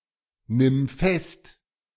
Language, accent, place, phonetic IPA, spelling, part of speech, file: German, Germany, Berlin, [ˌnɪm ˈfɛst], nimm fest, verb, De-nimm fest.ogg
- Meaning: singular imperative of festnehmen